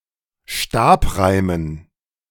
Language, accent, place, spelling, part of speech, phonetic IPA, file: German, Germany, Berlin, Stabreimen, noun, [ˈʃtaːpˌʁaɪ̯mən], De-Stabreimen.ogg
- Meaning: dative plural of Stabreim